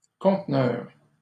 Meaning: 1. container (large metal box) 2. container
- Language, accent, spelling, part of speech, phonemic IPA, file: French, Canada, conteneur, noun, /kɔ̃t.nœʁ/, LL-Q150 (fra)-conteneur.wav